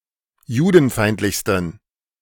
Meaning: 1. superlative degree of judenfeindlich 2. inflection of judenfeindlich: strong genitive masculine/neuter singular superlative degree
- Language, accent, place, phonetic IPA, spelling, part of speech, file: German, Germany, Berlin, [ˈjuːdn̩ˌfaɪ̯ntlɪçstn̩], judenfeindlichsten, adjective, De-judenfeindlichsten.ogg